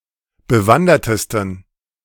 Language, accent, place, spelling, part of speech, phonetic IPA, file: German, Germany, Berlin, bewandertesten, adjective, [bəˈvandɐtəstn̩], De-bewandertesten.ogg
- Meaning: 1. superlative degree of bewandert 2. inflection of bewandert: strong genitive masculine/neuter singular superlative degree